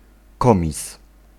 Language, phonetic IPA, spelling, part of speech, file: Polish, [ˈkɔ̃mʲis], komis, noun, Pl-komis.ogg